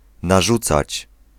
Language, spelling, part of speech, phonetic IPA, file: Polish, narzucać, verb, [naˈʒut͡sat͡ɕ], Pl-narzucać.ogg